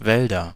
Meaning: nominative/accusative/genitive plural of Wald "forests"
- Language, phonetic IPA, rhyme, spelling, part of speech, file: German, [ˈvɛldɐ], -ɛldɐ, Wälder, noun, De-Wälder.ogg